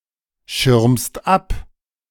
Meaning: second-person singular present of abschirmen
- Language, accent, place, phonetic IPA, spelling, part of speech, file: German, Germany, Berlin, [ˌʃɪʁmst ˈap], schirmst ab, verb, De-schirmst ab.ogg